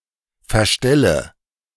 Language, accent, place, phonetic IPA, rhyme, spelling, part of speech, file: German, Germany, Berlin, [fɛɐ̯ˈʃtɛlə], -ɛlə, verstelle, verb, De-verstelle.ogg
- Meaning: inflection of verstellen: 1. first-person singular present 2. first/third-person singular subjunctive I 3. singular imperative